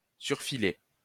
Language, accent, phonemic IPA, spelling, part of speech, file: French, France, /syʁ.fi.le/, surfiler, verb, LL-Q150 (fra)-surfiler.wav
- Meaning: to oversew